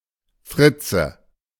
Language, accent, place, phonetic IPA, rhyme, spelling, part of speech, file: German, Germany, Berlin, [ˈfʁɪt͡sə], -ɪt͡sə, Fritze, noun, De-Fritze.ogg
- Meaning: nominative/accusative/genitive plural of Fritz